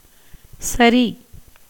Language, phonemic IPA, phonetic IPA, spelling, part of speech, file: Tamil, /tʃɐɾiː/, [sɐɾiː], சரி, interjection / noun / verb, Ta-சரி.ogg
- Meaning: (interjection) 1. fine, okay, OK, yes 2. all right; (noun) that which is correct, just, right, proper, not wrong; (verb) to slip, slide down